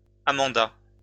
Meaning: a female given name
- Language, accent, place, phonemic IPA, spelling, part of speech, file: French, France, Lyon, /a.mɑ̃.da/, Amanda, proper noun, LL-Q150 (fra)-Amanda.wav